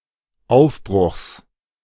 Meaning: genitive singular of Aufbruch
- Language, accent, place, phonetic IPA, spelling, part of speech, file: German, Germany, Berlin, [ˈaʊ̯fˌbʁʊxs], Aufbruchs, noun, De-Aufbruchs.ogg